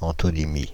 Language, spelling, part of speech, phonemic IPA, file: French, antonymie, noun, /ɑ̃.tɔ.ni.mi/, Fr-antonymie.ogg
- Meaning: antonymy